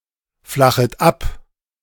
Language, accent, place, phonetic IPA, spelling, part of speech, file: German, Germany, Berlin, [ˌflaxət ˈap], flachet ab, verb, De-flachet ab.ogg
- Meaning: second-person plural subjunctive I of abflachen